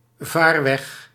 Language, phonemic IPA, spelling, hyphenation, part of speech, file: Dutch, /ˈvaːr.ʋɛx/, vaarweg, vaar‧weg, noun, Nl-vaarweg.ogg
- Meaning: waterway